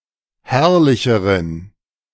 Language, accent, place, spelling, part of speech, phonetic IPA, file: German, Germany, Berlin, herrlicheren, adjective, [ˈhɛʁlɪçəʁən], De-herrlicheren.ogg
- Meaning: inflection of herrlich: 1. strong genitive masculine/neuter singular comparative degree 2. weak/mixed genitive/dative all-gender singular comparative degree